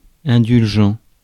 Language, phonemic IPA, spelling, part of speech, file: French, /ɛ̃.dyl.ʒɑ̃/, indulgent, adjective / verb, Fr-indulgent.ogg
- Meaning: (adjective) lenient (tolerant; not strict); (verb) third-person plural present indicative/subjunctive of indulger